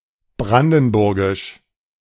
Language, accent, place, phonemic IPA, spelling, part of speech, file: German, Germany, Berlin, /ˈbʁandn̩ˌbʊʁɡɪʃ/, brandenburgisch, adjective, De-brandenburgisch.ogg
- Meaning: Brandenburg